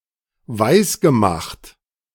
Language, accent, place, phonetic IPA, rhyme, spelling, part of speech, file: German, Germany, Berlin, [ˈvaɪ̯sɡəˌmaxt], -aɪ̯sɡəmaxt, weisgemacht, verb, De-weisgemacht.ogg
- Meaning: past participle of weismachen